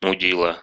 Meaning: asshole, dickhead; fuckwit
- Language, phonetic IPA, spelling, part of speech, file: Russian, [mʊˈdʲiɫə], мудила, noun, Ru-муди́ла.ogg